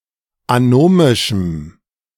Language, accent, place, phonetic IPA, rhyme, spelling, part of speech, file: German, Germany, Berlin, [aˈnoːmɪʃm̩], -oːmɪʃm̩, anomischem, adjective, De-anomischem.ogg
- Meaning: strong dative masculine/neuter singular of anomisch